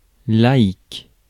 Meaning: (adjective) lay, secular; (noun) layman, layperson
- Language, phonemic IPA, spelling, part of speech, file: French, /la.ik/, laïque, adjective / noun, Fr-laïque.ogg